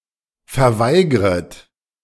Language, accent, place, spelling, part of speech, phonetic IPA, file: German, Germany, Berlin, verweigret, verb, [fɛɐ̯ˈvaɪ̯ɡʁət], De-verweigret.ogg
- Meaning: second-person plural subjunctive I of verweigern